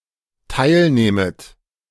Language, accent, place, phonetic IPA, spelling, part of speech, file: German, Germany, Berlin, [ˈtaɪ̯lˌnɛːmət], teilnähmet, verb, De-teilnähmet.ogg
- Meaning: second-person plural dependent subjunctive II of teilnehmen